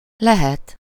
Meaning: 1. potential form of van, may/might be 2. potential form of lesz, may/might become
- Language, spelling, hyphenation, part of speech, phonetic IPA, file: Hungarian, lehet, le‧het, verb, [ˈlɛhɛt], Hu-lehet.ogg